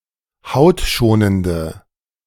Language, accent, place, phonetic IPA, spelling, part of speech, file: German, Germany, Berlin, [ˈhaʊ̯tˌʃoːnəndə], hautschonende, adjective, De-hautschonende.ogg
- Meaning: inflection of hautschonend: 1. strong/mixed nominative/accusative feminine singular 2. strong nominative/accusative plural 3. weak nominative all-gender singular